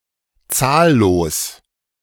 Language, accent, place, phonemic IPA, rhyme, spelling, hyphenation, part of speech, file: German, Germany, Berlin, /ˈtsaːˌloːs/, -oːs, zahllos, zahl‧los, adjective, De-zahllos.ogg
- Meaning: 1. countless, innumerable 2. uncountable